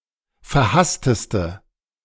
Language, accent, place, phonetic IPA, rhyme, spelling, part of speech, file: German, Germany, Berlin, [fɛɐ̯ˈhastəstə], -astəstə, verhassteste, adjective, De-verhassteste.ogg
- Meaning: inflection of verhasst: 1. strong/mixed nominative/accusative feminine singular superlative degree 2. strong nominative/accusative plural superlative degree